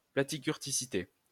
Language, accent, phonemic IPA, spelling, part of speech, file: French, France, /pla.ti.kyʁ.ti.si.te/, platykurticité, noun, LL-Q150 (fra)-platykurticité.wav
- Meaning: platykurtosis, platykurticity